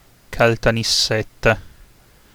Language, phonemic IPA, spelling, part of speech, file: Italian, /kaltanisˈsetta/, Caltanissetta, proper noun, It-Caltanissetta.ogg